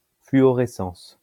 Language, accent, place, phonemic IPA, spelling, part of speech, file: French, France, Lyon, /fly.ɔ.ʁɛ.sɑ̃s/, fluorescence, noun, LL-Q150 (fra)-fluorescence.wav
- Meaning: fluorescence